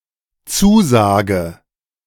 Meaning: 1. commitment, pledge, undertaking 2. covenant (binding agreement)
- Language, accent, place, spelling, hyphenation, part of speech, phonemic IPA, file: German, Germany, Berlin, Zusage, Zu‧sa‧ge, noun, /ˈtsuːˌzaːɡə/, De-Zusage.ogg